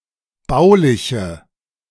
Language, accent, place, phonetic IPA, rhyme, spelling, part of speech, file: German, Germany, Berlin, [ˈbaʊ̯lɪçə], -aʊ̯lɪçə, bauliche, adjective, De-bauliche.ogg
- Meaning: inflection of baulich: 1. strong/mixed nominative/accusative feminine singular 2. strong nominative/accusative plural 3. weak nominative all-gender singular 4. weak accusative feminine/neuter singular